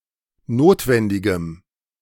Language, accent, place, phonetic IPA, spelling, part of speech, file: German, Germany, Berlin, [ˈnoːtvɛndɪɡəm], notwendigem, adjective, De-notwendigem.ogg
- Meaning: strong dative masculine/neuter singular of notwendig